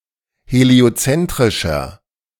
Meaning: inflection of heliozentrisch: 1. strong/mixed nominative masculine singular 2. strong genitive/dative feminine singular 3. strong genitive plural
- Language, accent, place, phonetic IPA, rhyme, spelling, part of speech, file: German, Germany, Berlin, [heli̯oˈt͡sɛntʁɪʃɐ], -ɛntʁɪʃɐ, heliozentrischer, adjective, De-heliozentrischer.ogg